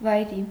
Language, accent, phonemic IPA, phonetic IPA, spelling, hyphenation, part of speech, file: Armenian, Eastern Armenian, /vɑjˈɾi/, [vɑjɾí], վայրի, վայ‧րի, adjective, Hy-վայրի.ogg
- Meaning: wild, savage